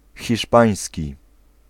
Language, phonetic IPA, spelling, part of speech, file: Polish, [xʲiʃˈpãj̃sʲci], hiszpański, adjective / noun, Pl-hiszpański.ogg